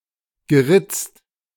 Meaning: past participle of ritzen
- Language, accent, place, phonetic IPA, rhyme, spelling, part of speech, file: German, Germany, Berlin, [ɡəˈʁɪt͡st], -ɪt͡st, geritzt, verb, De-geritzt.ogg